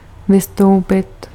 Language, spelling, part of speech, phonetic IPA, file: Czech, vystoupit, verb, [ˈvɪstou̯pɪt], Cs-vystoupit.ogg
- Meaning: 1. to get off, to disembark, to get out, to alight 2. to leave (object: federation) 3. to secede (object: party)